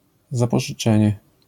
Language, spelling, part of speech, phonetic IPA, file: Polish, zapożyczenie, noun, [ˌzapɔʒɨˈt͡ʃɛ̃ɲɛ], LL-Q809 (pol)-zapożyczenie.wav